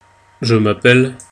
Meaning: my name is ..., I am ..., I'm ...
- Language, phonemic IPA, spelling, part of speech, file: French, /ʒə m‿a.pɛl/, je m'appelle, phrase, Fr-je m'appelle.ogg